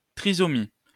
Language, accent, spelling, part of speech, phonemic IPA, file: French, France, trisomie, noun, /tʁi.zɔ.mi/, LL-Q150 (fra)-trisomie.wav
- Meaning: trisomy